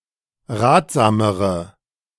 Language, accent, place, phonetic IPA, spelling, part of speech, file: German, Germany, Berlin, [ˈʁaːtz̥aːməʁə], ratsamere, adjective, De-ratsamere.ogg
- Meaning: inflection of ratsam: 1. strong/mixed nominative/accusative feminine singular comparative degree 2. strong nominative/accusative plural comparative degree